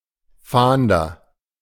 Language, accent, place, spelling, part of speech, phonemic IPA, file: German, Germany, Berlin, Fahnder, noun, /ˈfaːndɐ/, De-Fahnder.ogg
- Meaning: 1. agent noun of fahnden 2. agent noun of fahnden: investigator